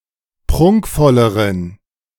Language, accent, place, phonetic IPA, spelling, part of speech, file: German, Germany, Berlin, [ˈpʁʊŋkfɔləʁən], prunkvolleren, adjective, De-prunkvolleren.ogg
- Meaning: inflection of prunkvoll: 1. strong genitive masculine/neuter singular comparative degree 2. weak/mixed genitive/dative all-gender singular comparative degree